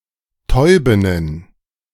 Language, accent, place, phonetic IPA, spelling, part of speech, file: German, Germany, Berlin, [ˈtɔɪ̯bɪnən], Täubinnen, noun, De-Täubinnen.ogg
- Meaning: plural of Täubin (“female pigeon or dove”)